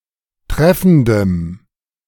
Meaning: strong dative masculine/neuter singular of treffend
- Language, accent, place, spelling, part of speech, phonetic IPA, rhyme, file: German, Germany, Berlin, treffendem, adjective, [ˈtʁɛfn̩dəm], -ɛfn̩dəm, De-treffendem.ogg